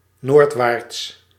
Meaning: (adverb) northwards; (adjective) northward, northerly
- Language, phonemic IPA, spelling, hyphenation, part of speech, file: Dutch, /ˈnoːrt.ʋaːrts/, noordwaarts, noord‧waarts, adverb / adjective, Nl-noordwaarts.ogg